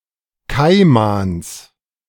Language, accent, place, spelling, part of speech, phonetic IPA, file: German, Germany, Berlin, Kaimans, noun, [ˈkaɪ̯mans], De-Kaimans.ogg
- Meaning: genitive singular of Kaiman